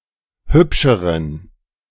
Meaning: inflection of hübsch: 1. strong genitive masculine/neuter singular comparative degree 2. weak/mixed genitive/dative all-gender singular comparative degree
- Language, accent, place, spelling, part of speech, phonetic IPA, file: German, Germany, Berlin, hübscheren, adjective, [ˈhʏpʃəʁən], De-hübscheren.ogg